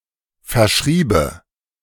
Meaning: first/third-person singular subjunctive II of verschreiben
- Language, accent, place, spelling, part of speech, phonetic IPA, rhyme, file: German, Germany, Berlin, verschriebe, verb, [fɛɐ̯ˈʃʁiːbə], -iːbə, De-verschriebe.ogg